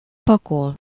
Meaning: to pack, pack up
- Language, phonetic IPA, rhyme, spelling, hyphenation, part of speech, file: Hungarian, [ˈpɒkol], -ol, pakol, pa‧kol, verb, Hu-pakol.ogg